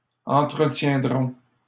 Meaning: first-person plural simple future of entretenir
- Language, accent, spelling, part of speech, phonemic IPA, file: French, Canada, entretiendrons, verb, /ɑ̃.tʁə.tjɛ̃.dʁɔ̃/, LL-Q150 (fra)-entretiendrons.wav